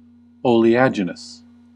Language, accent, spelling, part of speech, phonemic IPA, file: English, US, oleaginous, adjective, /ˌoʊ.liˈæd͡ʒ.ɪ.nəs/, En-us-oleaginous.ogg
- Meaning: 1. Oily, greasy 2. Falsely or affectedly earnest; persuasively suave